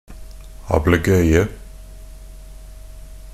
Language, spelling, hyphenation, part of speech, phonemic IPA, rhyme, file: Norwegian Bokmål, ablegøye, ab‧le‧gøy‧e, noun, /abləˈɡœʏə/, -œʏə, NB - Pronunciation of Norwegian Bokmål «ablegøye».ogg
- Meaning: 1. mischief and imagination 2. pranks and games